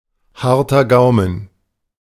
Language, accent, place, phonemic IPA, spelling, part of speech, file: German, Germany, Berlin, /ˈhaʁtɐ ˈɡaʊ̯mən/, harter Gaumen, noun, De-harter Gaumen.ogg
- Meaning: hard palate